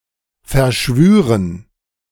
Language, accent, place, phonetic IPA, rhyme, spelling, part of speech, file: German, Germany, Berlin, [fɛɐ̯ˈʃvyːʁən], -yːʁən, verschwüren, verb, De-verschwüren.ogg
- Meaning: first-person plural subjunctive II of verschwören